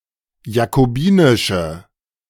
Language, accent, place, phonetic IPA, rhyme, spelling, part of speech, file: German, Germany, Berlin, [jakoˈbiːnɪʃə], -iːnɪʃə, jakobinische, adjective, De-jakobinische.ogg
- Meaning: inflection of jakobinisch: 1. strong/mixed nominative/accusative feminine singular 2. strong nominative/accusative plural 3. weak nominative all-gender singular